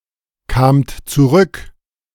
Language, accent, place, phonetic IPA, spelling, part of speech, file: German, Germany, Berlin, [ˌkaːmt t͡suˈʁʏk], kamt zurück, verb, De-kamt zurück.ogg
- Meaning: second-person plural preterite of zurückkommen